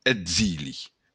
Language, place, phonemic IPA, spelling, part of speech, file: Occitan, Béarn, /edˈzili/, exili, noun, LL-Q14185 (oci)-exili.wav
- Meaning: exile